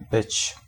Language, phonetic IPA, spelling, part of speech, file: Polish, [bɨt͡ɕ], być, verb, Pl-być.ogg